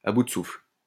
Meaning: 1. breathless, out of breath 2. on one's last legs
- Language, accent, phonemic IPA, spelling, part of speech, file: French, France, /a bu d(ə) sufl/, à bout de souffle, adjective, LL-Q150 (fra)-à bout de souffle.wav